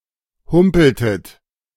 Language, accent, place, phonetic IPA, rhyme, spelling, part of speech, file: German, Germany, Berlin, [ˈhʊmpl̩tət], -ʊmpl̩tət, humpeltet, verb, De-humpeltet.ogg
- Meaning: inflection of humpeln: 1. second-person plural preterite 2. second-person plural subjunctive II